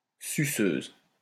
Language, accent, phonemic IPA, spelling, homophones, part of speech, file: French, France, /sy.søz/, suceuse, suceuses, adjective, LL-Q150 (fra)-suceuse.wav
- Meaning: feminine singular of suceur: fellatrix